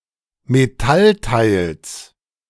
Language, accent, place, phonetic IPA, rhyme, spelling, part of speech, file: German, Germany, Berlin, [meˈtalˌtaɪ̯ls], -altaɪ̯ls, Metallteils, noun, De-Metallteils.ogg
- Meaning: genitive singular of Metallteil